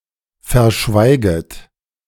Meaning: second-person plural subjunctive I of verschweigen
- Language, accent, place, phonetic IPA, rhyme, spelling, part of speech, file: German, Germany, Berlin, [fɛɐ̯ˈʃvaɪ̯ɡət], -aɪ̯ɡət, verschweiget, verb, De-verschweiget.ogg